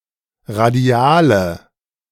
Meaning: inflection of radial: 1. strong/mixed nominative/accusative feminine singular 2. strong nominative/accusative plural 3. weak nominative all-gender singular 4. weak accusative feminine/neuter singular
- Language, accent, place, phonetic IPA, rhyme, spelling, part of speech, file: German, Germany, Berlin, [ʁaˈdi̯aːlə], -aːlə, radiale, adjective, De-radiale.ogg